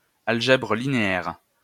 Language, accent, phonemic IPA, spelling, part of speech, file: French, France, /al.ʒɛ.bʁə li.ne.ɛʁ/, algèbre linéaire, noun, LL-Q150 (fra)-algèbre linéaire.wav
- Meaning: linear algebra